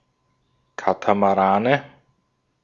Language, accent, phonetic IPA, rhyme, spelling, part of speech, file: German, Austria, [ˌkatamaˈʁaːnə], -aːnə, Katamarane, noun, De-at-Katamarane.ogg
- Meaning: nominative/accusative/genitive plural of Katamaran